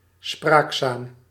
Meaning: talkative (tending to talk or speak freely or often), talksome
- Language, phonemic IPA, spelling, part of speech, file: Dutch, /ˈspraːk.zaːm/, spraakzaam, adjective, Nl-spraakzaam.ogg